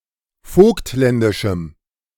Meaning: strong dative masculine/neuter singular of vogtländisch
- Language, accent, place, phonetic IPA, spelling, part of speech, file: German, Germany, Berlin, [ˈfoːktˌlɛndɪʃm̩], vogtländischem, adjective, De-vogtländischem.ogg